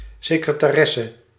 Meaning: secretary (a person keeping records and handling clerical work)
- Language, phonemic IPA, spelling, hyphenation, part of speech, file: Dutch, /sɪkrətaːˈrɛsə/, secretaresse, se‧cre‧ta‧res‧se, noun, Nl-secretaresse.ogg